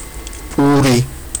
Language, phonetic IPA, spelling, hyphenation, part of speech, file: Georgian, [pʼuɾi], პური, პუ‧რი, noun, Ka-puri.ogg
- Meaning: 1. bread 2. wheat